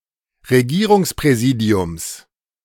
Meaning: genitive singular of Regierungspräsidium
- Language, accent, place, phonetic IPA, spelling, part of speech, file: German, Germany, Berlin, [ʁeˈɡiːʁʊŋspʁɛˌziːdi̯ʊms], Regierungspräsidiums, noun, De-Regierungspräsidiums.ogg